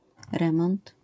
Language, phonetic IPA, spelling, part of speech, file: Polish, [ˈrɛ̃mɔ̃nt], remont, noun, LL-Q809 (pol)-remont.wav